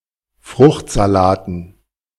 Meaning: dative plural of Fruchtsalat
- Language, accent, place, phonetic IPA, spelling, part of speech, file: German, Germany, Berlin, [ˈfʁʊxtzaˌlaːtn̩], Fruchtsalaten, noun, De-Fruchtsalaten.ogg